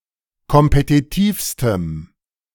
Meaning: strong dative masculine/neuter singular superlative degree of kompetitiv
- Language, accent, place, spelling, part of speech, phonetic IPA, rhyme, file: German, Germany, Berlin, kompetitivstem, adjective, [kɔmpetiˈtiːfstəm], -iːfstəm, De-kompetitivstem.ogg